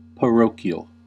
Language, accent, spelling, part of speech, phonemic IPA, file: English, US, parochial, adjective / noun, /pəˈɹoʊki.əl/, En-us-parochial.ogg
- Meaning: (adjective) 1. Pertaining to a parish 2. Characterized by an unsophisticated focus on local concerns to the exclusion of wider contexts; elementary in scope or outlook; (noun) A parochial individual